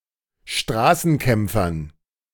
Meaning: dative plural of Straßenkämpfer
- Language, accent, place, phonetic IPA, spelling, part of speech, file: German, Germany, Berlin, [ˈʃtʁaːsn̩ˌkɛmp͡fɐn], Straßenkämpfern, noun, De-Straßenkämpfern.ogg